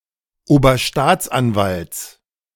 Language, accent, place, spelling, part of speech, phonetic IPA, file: German, Germany, Berlin, Oberstaatsanwalts, noun, [oːbɐˈʃtaːt͡sʔanˌvalt͡s], De-Oberstaatsanwalts.ogg
- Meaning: genitive singular of Oberstaatsanwalt